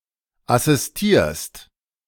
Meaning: second-person singular present of assistieren
- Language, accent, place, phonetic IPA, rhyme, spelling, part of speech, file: German, Germany, Berlin, [asɪsˈtiːɐ̯st], -iːɐ̯st, assistierst, verb, De-assistierst.ogg